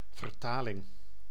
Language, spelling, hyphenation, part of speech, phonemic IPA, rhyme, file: Dutch, vertaling, ver‧ta‧ling, noun, /vərˈtaː.lɪŋ/, -aːlɪŋ, Nl-vertaling.ogg
- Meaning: translation